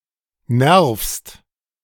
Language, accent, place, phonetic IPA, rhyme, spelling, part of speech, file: German, Germany, Berlin, [nɛʁfst], -ɛʁfst, nervst, verb, De-nervst.ogg
- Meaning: second-person singular present of nerven